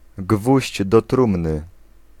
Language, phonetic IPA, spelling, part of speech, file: Polish, [ˈɡvuʑd͡ʑ dɔ‿ˈtrũmnɨ], gwóźdź do trumny, noun, Pl-gwóźdź do trumny.ogg